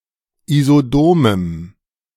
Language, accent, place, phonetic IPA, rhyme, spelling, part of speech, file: German, Germany, Berlin, [izoˈdoːməm], -oːməm, isodomem, adjective, De-isodomem.ogg
- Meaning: strong dative masculine/neuter singular of isodom